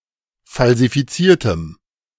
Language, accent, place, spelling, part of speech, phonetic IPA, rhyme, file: German, Germany, Berlin, falsifiziertem, adjective, [falzifiˈt͡siːɐ̯təm], -iːɐ̯təm, De-falsifiziertem.ogg
- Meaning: strong dative masculine/neuter singular of falsifiziert